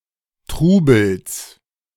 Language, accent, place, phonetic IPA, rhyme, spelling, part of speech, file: German, Germany, Berlin, [ˈtʁuːbl̩s], -uːbl̩s, Trubels, noun, De-Trubels.ogg
- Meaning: genitive singular of Trubel